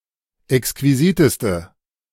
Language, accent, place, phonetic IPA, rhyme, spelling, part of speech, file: German, Germany, Berlin, [ɛkskviˈziːtəstə], -iːtəstə, exquisiteste, adjective, De-exquisiteste.ogg
- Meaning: inflection of exquisit: 1. strong/mixed nominative/accusative feminine singular superlative degree 2. strong nominative/accusative plural superlative degree